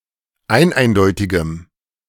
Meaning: strong dative masculine/neuter singular of eineindeutig
- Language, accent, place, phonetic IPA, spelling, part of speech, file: German, Germany, Berlin, [ˈaɪ̯nˌʔaɪ̯ndɔɪ̯tɪɡəm], eineindeutigem, adjective, De-eineindeutigem.ogg